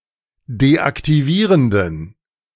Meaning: inflection of deaktivierend: 1. strong genitive masculine/neuter singular 2. weak/mixed genitive/dative all-gender singular 3. strong/weak/mixed accusative masculine singular 4. strong dative plural
- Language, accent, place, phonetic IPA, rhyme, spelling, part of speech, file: German, Germany, Berlin, [deʔaktiˈviːʁəndn̩], -iːʁəndn̩, deaktivierenden, adjective, De-deaktivierenden.ogg